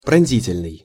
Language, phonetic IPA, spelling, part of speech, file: Russian, [prɐn⁽ʲ⁾ˈzʲitʲɪlʲnɨj], пронзительный, adjective, Ru-пронзительный.ogg
- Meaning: 1. piercing, penetrating 2. shrill, strident